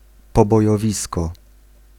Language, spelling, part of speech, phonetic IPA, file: Polish, pobojowisko, noun, [ˌpɔbɔjɔˈvʲiskɔ], Pl-pobojowisko.ogg